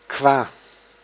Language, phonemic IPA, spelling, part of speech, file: Dutch, /kʋa/, qua, preposition, Nl-qua.ogg
- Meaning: regarding, concerning, in terms of